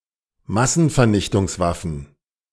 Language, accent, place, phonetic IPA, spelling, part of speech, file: German, Germany, Berlin, [ˈmasn̩fɛɐ̯nɪçtʊŋsˌvafn̩], Massenvernichtungswaffen, noun, De-Massenvernichtungswaffen.ogg
- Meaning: plural of Massenvernichtungswaffe